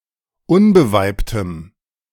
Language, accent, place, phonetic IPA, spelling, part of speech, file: German, Germany, Berlin, [ˈʊnbəˌvaɪ̯ptəm], unbeweibtem, adjective, De-unbeweibtem.ogg
- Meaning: strong dative masculine/neuter singular of unbeweibt